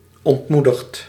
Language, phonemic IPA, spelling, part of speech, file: Dutch, /ɔntˈmudəxt/, ontmoedigd, verb, Nl-ontmoedigd.ogg
- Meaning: past participle of ontmoedigen